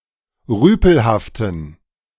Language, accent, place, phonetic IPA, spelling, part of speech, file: German, Germany, Berlin, [ˈʁyːpl̩haftn̩], rüpelhaften, adjective, De-rüpelhaften.ogg
- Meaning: inflection of rüpelhaft: 1. strong genitive masculine/neuter singular 2. weak/mixed genitive/dative all-gender singular 3. strong/weak/mixed accusative masculine singular 4. strong dative plural